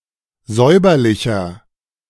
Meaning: 1. comparative degree of säuberlich 2. inflection of säuberlich: strong/mixed nominative masculine singular 3. inflection of säuberlich: strong genitive/dative feminine singular
- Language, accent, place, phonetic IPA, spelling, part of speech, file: German, Germany, Berlin, [ˈzɔɪ̯bɐlɪçɐ], säuberlicher, adjective, De-säuberlicher.ogg